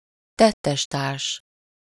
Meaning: accomplice (an associate in the commission of a crime)
- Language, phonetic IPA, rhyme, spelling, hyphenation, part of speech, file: Hungarian, [ˈtɛtːɛʃtaːrʃ], -aːrʃ, tettestárs, tet‧tes‧társ, noun, Hu-tettestárs.ogg